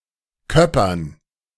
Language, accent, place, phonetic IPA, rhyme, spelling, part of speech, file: German, Germany, Berlin, [ˈkœpɐn], -œpɐn, Köppern, noun, De-Köppern.ogg
- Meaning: dative plural of Köpper